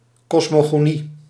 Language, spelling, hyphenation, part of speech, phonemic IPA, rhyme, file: Dutch, kosmogonie, kos‧mo‧go‧nie, noun, /ˌkɔs.moː.ɣoːˈni/, -i, Nl-kosmogonie.ogg
- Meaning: cosmogony